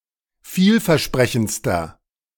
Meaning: inflection of vielversprechend: 1. strong/mixed nominative masculine singular superlative degree 2. strong genitive/dative feminine singular superlative degree
- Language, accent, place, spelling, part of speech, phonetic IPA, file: German, Germany, Berlin, vielversprechendster, adjective, [ˈfiːlfɛɐ̯ˌʃpʁɛçn̩t͡stɐ], De-vielversprechendster.ogg